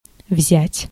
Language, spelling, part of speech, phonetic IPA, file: Russian, взять, verb, [vzʲætʲ], Ru-взять.ogg
- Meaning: 1. to take 2. to choose a direction, to turn